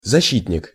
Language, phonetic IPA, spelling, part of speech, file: Russian, [zɐˈɕːitʲnʲɪk], защитник, noun, Ru-защитник.ogg
- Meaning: 1. defender, protector 2. defence counsel 3. full-back